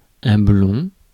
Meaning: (adjective) 1. blond (of a pale golden colour) 2. blond (having blond hair); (noun) blond (all senses)
- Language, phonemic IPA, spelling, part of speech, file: French, /blɔ̃/, blond, adjective / noun, Fr-blond.ogg